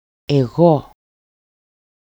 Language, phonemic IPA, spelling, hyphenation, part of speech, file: Greek, /eˈɣo/, εγώ, ε‧γώ, pronoun / noun, EL-εγώ.ogg
- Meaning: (pronoun) I; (noun) 1. ego 2. selfishness